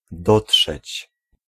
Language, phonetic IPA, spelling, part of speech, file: Polish, [ˈdɔṭʃɛt͡ɕ], dotrzeć, verb, Pl-dotrzeć.ogg